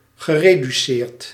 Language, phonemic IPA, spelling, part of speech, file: Dutch, /ɣəˌredyˈsert/, gereduceerd, verb, Nl-gereduceerd.ogg
- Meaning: past participle of reduceren